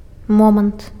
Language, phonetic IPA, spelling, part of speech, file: Belarusian, [ˈmomant], момант, noun, Be-момант.ogg
- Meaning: moment